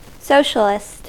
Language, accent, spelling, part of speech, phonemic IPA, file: English, US, socialist, adjective / noun, /ˈsoʊ.ʃə.lɪst/, En-us-socialist.ogg
- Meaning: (adjective) Of, relating to, supporting, or advocating socialism; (noun) One who supports or advocates socialism